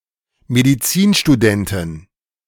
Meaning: female equivalent of Medizinstudent: female medical student
- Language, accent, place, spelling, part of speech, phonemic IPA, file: German, Germany, Berlin, Medizinstudentin, noun, /mediˈt͡siːnʃtuˌdɛntɪn/, De-Medizinstudentin.ogg